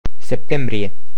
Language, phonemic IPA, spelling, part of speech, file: Romanian, /sepˈtembrije/, septembrie, noun, Ro-septembrie.ogg
- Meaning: September